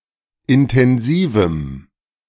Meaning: strong dative masculine/neuter singular of intensiv
- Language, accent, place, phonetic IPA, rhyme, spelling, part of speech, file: German, Germany, Berlin, [ɪntɛnˈziːvm̩], -iːvm̩, intensivem, adjective, De-intensivem.ogg